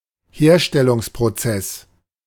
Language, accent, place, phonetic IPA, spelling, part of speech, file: German, Germany, Berlin, [ˈheːɐ̯ʃtɛlʊŋspʁoˌt͡sɛs], Herstellungsprozess, noun, De-Herstellungsprozess.ogg
- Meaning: manufacturing process